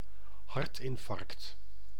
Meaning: myocardial infarction, heart attack
- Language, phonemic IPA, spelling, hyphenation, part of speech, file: Dutch, /ˈhɑrtɪɱˌfɑrəkt/, hartinfarct, hart‧in‧farct, noun, Nl-hartinfarct.ogg